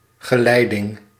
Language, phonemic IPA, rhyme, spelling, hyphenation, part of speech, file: Dutch, /ɣəˈlɛi̯.dɪŋ/, -ɛi̯dɪŋ, geleiding, ge‧lei‧ding, noun, Nl-geleiding.ogg
- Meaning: conductivity